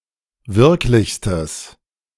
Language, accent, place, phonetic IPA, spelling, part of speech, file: German, Germany, Berlin, [ˈvɪʁklɪçstəs], wirklichstes, adjective, De-wirklichstes.ogg
- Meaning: strong/mixed nominative/accusative neuter singular superlative degree of wirklich